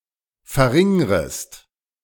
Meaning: second-person singular subjunctive I of verringern
- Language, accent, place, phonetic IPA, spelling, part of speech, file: German, Germany, Berlin, [fɛɐ̯ˈʁɪŋʁəst], verringrest, verb, De-verringrest.ogg